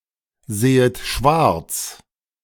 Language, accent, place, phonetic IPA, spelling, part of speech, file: German, Germany, Berlin, [ˌzeːət ˈʃvaʁt͡s], sehet schwarz, verb, De-sehet schwarz.ogg
- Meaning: second-person plural subjunctive I of schwarzsehen